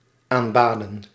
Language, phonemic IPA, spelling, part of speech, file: Dutch, /amˈbadə(n)/, aanbaden, verb, Nl-aanbaden.ogg
- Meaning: inflection of aanbidden: 1. plural past indicative 2. plural past subjunctive